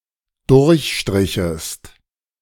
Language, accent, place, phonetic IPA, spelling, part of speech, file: German, Germany, Berlin, [ˈdʊʁçˌʃtʁɪçəst], durchstrichest, verb, De-durchstrichest.ogg
- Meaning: second-person singular dependent subjunctive II of durchstreichen